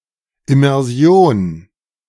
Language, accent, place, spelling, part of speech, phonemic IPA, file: German, Germany, Berlin, Immersion, noun, /ɪmɛʁˈzi̯oːn/, De-Immersion.ogg
- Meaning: immersion